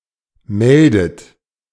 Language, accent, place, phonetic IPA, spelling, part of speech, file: German, Germany, Berlin, [ˈmɛldət], meldet, verb, De-meldet.ogg
- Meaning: inflection of melden: 1. third-person singular present 2. second-person plural present 3. second-person plural subjunctive I 4. plural imperative